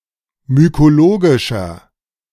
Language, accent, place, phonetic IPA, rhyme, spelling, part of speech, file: German, Germany, Berlin, [mykoˈloːɡɪʃɐ], -oːɡɪʃɐ, mykologischer, adjective, De-mykologischer.ogg
- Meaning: inflection of mykologisch: 1. strong/mixed nominative masculine singular 2. strong genitive/dative feminine singular 3. strong genitive plural